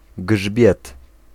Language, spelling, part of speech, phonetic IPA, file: Polish, grzbiet, noun, [ɡʒbʲjɛt], Pl-grzbiet.ogg